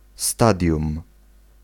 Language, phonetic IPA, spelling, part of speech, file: Polish, [ˈstadʲjũm], stadium, noun, Pl-stadium.ogg